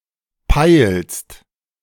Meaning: second-person singular present of peilen
- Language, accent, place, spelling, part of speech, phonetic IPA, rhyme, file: German, Germany, Berlin, peilst, verb, [paɪ̯lst], -aɪ̯lst, De-peilst.ogg